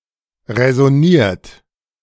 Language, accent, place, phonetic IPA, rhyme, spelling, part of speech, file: German, Germany, Berlin, [ʁɛzɔˈniːɐ̯t], -iːɐ̯t, räsoniert, verb, De-räsoniert.ogg
- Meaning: 1. past participle of räsonieren 2. inflection of räsonieren: third-person singular present 3. inflection of räsonieren: second-person plural present 4. inflection of räsonieren: plural imperative